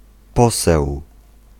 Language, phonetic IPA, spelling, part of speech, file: Polish, [ˈpɔsɛw], poseł, noun, Pl-poseł.ogg